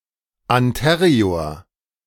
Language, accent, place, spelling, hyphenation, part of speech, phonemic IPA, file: German, Germany, Berlin, anterior, an‧te‧ri‧or, adjective, /anˈteːʁioːɐ̯/, De-anterior.ogg
- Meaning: anterior